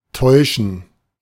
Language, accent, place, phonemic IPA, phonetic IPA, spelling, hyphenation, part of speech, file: German, Germany, Berlin, /ˈtɔɪ̯ʃən/, [ˈtʰɔɪ̯ʃn̩], täuschen, täu‧schen, verb, De-täuschen.ogg
- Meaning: 1. to deceive 2. to be wrong, to be mistaken 3. to err